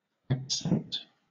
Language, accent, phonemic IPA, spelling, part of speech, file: English, Southern England, /ækˈsɛnt/, accent, verb, LL-Q1860 (eng)-accent.wav
- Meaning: 1. To express the accent of vocally; to utter with accent 2. To mark emphatically; to emphasize; to accentuate; to make prominent 3. To mark with written accents